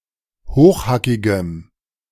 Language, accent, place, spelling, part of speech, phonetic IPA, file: German, Germany, Berlin, hochhackigem, adjective, [ˈhoːxˌhakɪɡəm], De-hochhackigem.ogg
- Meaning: strong dative masculine/neuter singular of hochhackig